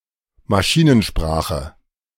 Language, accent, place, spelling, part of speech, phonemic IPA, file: German, Germany, Berlin, Maschinensprache, noun, /maˈʃiːnənˌʃpʁaːχə/, De-Maschinensprache.ogg
- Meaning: machine language (set of instructions for a computer)